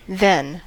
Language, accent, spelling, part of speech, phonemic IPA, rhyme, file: English, General American, then, adverb / adjective / noun / conjunction, /ðɛn/, -ɛn, En-us-then.ogg
- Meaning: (adverb) 1. At that time 2. Soon afterward 3. Next in order of place 4. In addition; also; besides 5. In that case 6. At the same time; on the other hand 7. Used to contradict an assertion